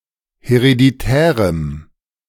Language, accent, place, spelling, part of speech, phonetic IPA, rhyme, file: German, Germany, Berlin, hereditärem, adjective, [heʁediˈtɛːʁəm], -ɛːʁəm, De-hereditärem.ogg
- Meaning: strong dative masculine/neuter singular of hereditär